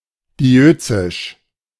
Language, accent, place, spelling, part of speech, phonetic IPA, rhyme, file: German, Germany, Berlin, diözisch, adjective, [diˈʔøːt͡sɪʃ], -øːt͡sɪʃ, De-diözisch.ogg
- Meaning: dioecious